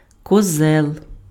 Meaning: billy goat (animal)
- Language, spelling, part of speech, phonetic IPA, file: Ukrainian, козел, noun, [kɔˈzɛɫ], Uk-козел.ogg